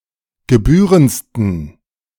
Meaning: 1. superlative degree of gebührend 2. inflection of gebührend: strong genitive masculine/neuter singular superlative degree
- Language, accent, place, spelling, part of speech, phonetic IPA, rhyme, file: German, Germany, Berlin, gebührendsten, adjective, [ɡəˈbyːʁənt͡stn̩], -yːʁənt͡stn̩, De-gebührendsten.ogg